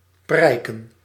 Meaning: 1. to be noticeable, to be easily seen, to be on display 2. to show off
- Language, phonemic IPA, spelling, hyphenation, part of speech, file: Dutch, /ˈprɛi̯.kə(n)/, prijken, prij‧ken, verb, Nl-prijken.ogg